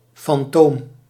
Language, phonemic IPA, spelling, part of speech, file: Dutch, /fɑnˈtoːm/, fantoom, noun, Nl-fantoom.ogg
- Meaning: 1. phantom, apparition, ghost 2. figment, mirage, product of fantasy